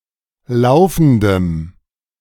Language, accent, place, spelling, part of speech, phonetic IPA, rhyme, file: German, Germany, Berlin, laufendem, adjective, [ˈlaʊ̯fn̩dəm], -aʊ̯fn̩dəm, De-laufendem.ogg
- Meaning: strong dative masculine/neuter singular of laufend